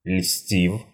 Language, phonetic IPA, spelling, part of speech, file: Russian, [lʲsʲtʲif], льстив, verb, Ru-льстив.ogg
- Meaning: short past adverbial imperfective participle of льстить (lʹstitʹ)